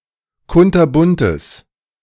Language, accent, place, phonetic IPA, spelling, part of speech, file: German, Germany, Berlin, [ˈkʊntɐˌbʊntəs], kunterbuntes, adjective, De-kunterbuntes.ogg
- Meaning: strong/mixed nominative/accusative neuter singular of kunterbunt